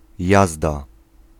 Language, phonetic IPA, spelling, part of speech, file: Polish, [ˈjazda], jazda, noun / interjection, Pl-jazda.ogg